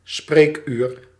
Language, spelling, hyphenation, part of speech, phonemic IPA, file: Dutch, spreekuur, spreek‧uur, noun, /ˈspreːkyːr/, Nl-spreekuur.ogg
- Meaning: consulting hour